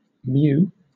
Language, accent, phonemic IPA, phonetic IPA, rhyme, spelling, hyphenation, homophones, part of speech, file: English, Southern England, /ˈmjuː/, [ˈmjʊu̯], -uː, mew, mew, mu, noun / verb / interjection, LL-Q1860 (eng)-mew.wav
- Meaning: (noun) 1. A gull, seagull 2. A prison, or other place of confinement 3. A hiding place; a secret store or den 4. A breeding-cage for birds 5. A cage for hawks, especially while moulting